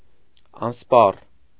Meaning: 1. inexhaustible, unlimited, boundless 2. abundant, plentiful, ample
- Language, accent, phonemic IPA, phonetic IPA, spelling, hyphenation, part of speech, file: Armenian, Eastern Armenian, /ɑnsˈpɑr/, [ɑnspɑ́r], անսպառ, անս‧պառ, adjective, Hy-անսպառ.ogg